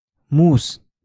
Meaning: knife
- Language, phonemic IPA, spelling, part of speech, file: Moroccan Arabic, /muːs/, موس, noun, LL-Q56426 (ary)-موس.wav